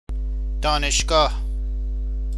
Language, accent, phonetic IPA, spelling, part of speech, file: Persian, Iran, [d̪ɒː.neʃ.ɡɒːʱ], دانشگاه, noun, Fa-دانشگاه.ogg
- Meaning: university